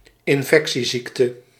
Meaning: an infectious disease, an illness caused by an infection
- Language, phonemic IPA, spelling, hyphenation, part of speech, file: Dutch, /ɪnˈfɛk.siˌzik.tə/, infectieziekte, in‧fec‧tie‧ziek‧te, noun, Nl-infectieziekte.ogg